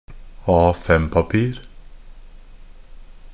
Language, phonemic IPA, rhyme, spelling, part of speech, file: Norwegian Bokmål, /ˈɑː.fɛm.papiːr/, -iːr, A5-papir, noun, NB - Pronunciation of Norwegian Bokmål «A5-papir».ogg
- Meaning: A piece of paper in the standard A5 format